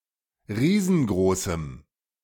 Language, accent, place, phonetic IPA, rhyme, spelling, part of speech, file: German, Germany, Berlin, [ˈʁiːzn̩ˈɡʁoːsm̩], -oːsm̩, riesengroßem, adjective, De-riesengroßem.ogg
- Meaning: strong dative masculine/neuter singular of riesengroß